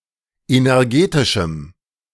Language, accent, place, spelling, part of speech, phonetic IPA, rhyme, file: German, Germany, Berlin, energetischem, adjective, [ˌenɛʁˈɡeːtɪʃm̩], -eːtɪʃm̩, De-energetischem.ogg
- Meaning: strong dative masculine/neuter singular of energetisch